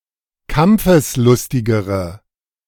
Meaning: inflection of kampfeslustig: 1. strong/mixed nominative/accusative feminine singular comparative degree 2. strong nominative/accusative plural comparative degree
- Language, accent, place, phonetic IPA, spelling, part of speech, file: German, Germany, Berlin, [ˈkamp͡fəsˌlʊstɪɡəʁə], kampfeslustigere, adjective, De-kampfeslustigere.ogg